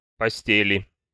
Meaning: 1. inflection of посте́ль (postélʹ) 2. inflection of посте́ль (postélʹ): genitive/dative/prepositional singular 3. inflection of посте́ль (postélʹ): nominative/accusative plural
- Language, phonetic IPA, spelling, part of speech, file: Russian, [pɐˈsʲtʲelʲɪ], постели, noun, Ru-постели.ogg